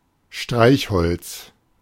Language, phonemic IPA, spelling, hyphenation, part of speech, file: German, /ˈʃtʁaɪ̯çˌhɔlt͡s/, Streichholz, Streich‧holz, noun, De-Streichholz.oga
- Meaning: match (device to make fire), matchstick